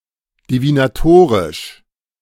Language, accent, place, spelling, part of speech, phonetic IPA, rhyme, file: German, Germany, Berlin, divinatorisch, adjective, [divinaˈtoːʁɪʃ], -oːʁɪʃ, De-divinatorisch.ogg
- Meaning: divinatory